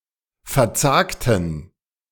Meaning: inflection of verzagen: 1. first/third-person plural preterite 2. first/third-person plural subjunctive II
- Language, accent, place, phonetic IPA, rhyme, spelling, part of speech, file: German, Germany, Berlin, [fɛɐ̯ˈt͡saːktn̩], -aːktn̩, verzagten, adjective / verb, De-verzagten.ogg